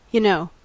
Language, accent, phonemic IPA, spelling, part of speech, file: English, US, /jəˈnoʊ/, y'know, contraction, En-us-y'know.ogg
- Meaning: Alternative form of you know